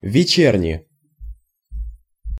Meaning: inflection of вече́рня (večérnja): 1. genitive singular 2. nominative/accusative plural
- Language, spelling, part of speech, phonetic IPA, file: Russian, вечерни, noun, [vʲɪˈt͡ɕernʲɪ], Ru-вечерни.ogg